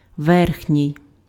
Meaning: upper
- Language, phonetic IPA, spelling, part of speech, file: Ukrainian, [ˈʋɛrxnʲii̯], верхній, adjective, Uk-верхній.ogg